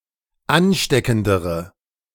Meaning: inflection of ansteckend: 1. strong/mixed nominative/accusative feminine singular comparative degree 2. strong nominative/accusative plural comparative degree
- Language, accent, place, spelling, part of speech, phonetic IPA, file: German, Germany, Berlin, ansteckendere, adjective, [ˈanˌʃtɛkn̩dəʁə], De-ansteckendere.ogg